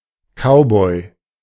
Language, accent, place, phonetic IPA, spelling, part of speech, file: German, Germany, Berlin, [ˈkaʊ̯bɔɪ̯], Cowboy, noun, De-Cowboy.ogg
- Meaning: cowboy